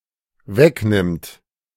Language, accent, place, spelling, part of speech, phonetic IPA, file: German, Germany, Berlin, wegnimmt, verb, [ˈvɛkˌnɪmt], De-wegnimmt.ogg
- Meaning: third-person singular dependent present of wegnehmen